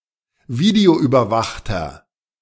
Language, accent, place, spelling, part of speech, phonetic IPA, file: German, Germany, Berlin, videoüberwachter, adjective, [ˈviːdeoʔyːbɐˌvaxtɐ], De-videoüberwachter.ogg
- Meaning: inflection of videoüberwacht: 1. strong/mixed nominative masculine singular 2. strong genitive/dative feminine singular 3. strong genitive plural